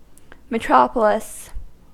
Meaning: 1. The mother (founding) polis (city state) of a colony 2. A large, busy city, especially as the main city in an area or country or as distinguished from surrounding rural areas
- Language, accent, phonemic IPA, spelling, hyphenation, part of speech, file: English, US, /məˈtɹɑp.ə.lɪs/, metropolis, me‧tro‧po‧lis, noun, En-us-metropolis.ogg